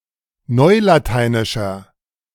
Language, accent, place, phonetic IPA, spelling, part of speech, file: German, Germany, Berlin, [ˈnɔɪ̯lataɪ̯nɪʃɐ], neulateinischer, adjective, De-neulateinischer.ogg
- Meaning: inflection of neulateinisch: 1. strong/mixed nominative masculine singular 2. strong genitive/dative feminine singular 3. strong genitive plural